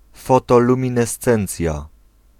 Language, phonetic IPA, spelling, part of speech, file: Polish, [ˌfɔtɔlũmʲĩnɛˈst͡sɛ̃nt͡sʲja], fotoluminescencja, noun, Pl-fotoluminescencja.ogg